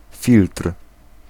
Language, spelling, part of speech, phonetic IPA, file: Polish, filtr, noun, [fʲiltr̥], Pl-filtr.ogg